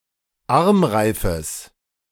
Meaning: genitive singular of Armreif
- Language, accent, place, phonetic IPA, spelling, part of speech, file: German, Germany, Berlin, [ˈaʁmˌʁaɪ̯fəs], Armreifes, noun, De-Armreifes.ogg